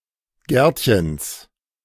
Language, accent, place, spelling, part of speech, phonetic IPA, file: German, Germany, Berlin, Gärtchens, noun, [ˈɡɛʁtçəns], De-Gärtchens.ogg
- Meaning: genitive singular of Gärtchen